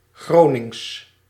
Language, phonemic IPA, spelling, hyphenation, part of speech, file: Dutch, /ˈɣroːnɪŋs/, Gronings, Gro‧nings, adjective / proper noun, Nl-Gronings.ogg
- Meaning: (adjective) 1. of, from or pertaining to the city of Groningen 2. of, from or pertaining to the province Groningen; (proper noun) Gronings, the Dutch Low Saxon dialect spoken in the province Groningen